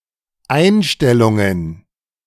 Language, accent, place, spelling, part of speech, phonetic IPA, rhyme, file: German, Germany, Berlin, Einstellungen, noun, [ˈaɪ̯nʃtɛlʊŋən], -aɪ̯nʃtɛlʊŋən, De-Einstellungen.ogg
- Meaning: plural of Einstellung